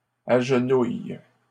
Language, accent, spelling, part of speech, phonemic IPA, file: French, Canada, agenouilles, verb, /aʒ.nuj/, LL-Q150 (fra)-agenouilles.wav
- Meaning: second-person singular present indicative/subjunctive of agenouiller